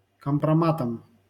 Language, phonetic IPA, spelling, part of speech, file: Russian, [kəmprɐˈmatəm], компроматам, noun, LL-Q7737 (rus)-компроматам.wav
- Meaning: dative plural of компрома́т (kompromát)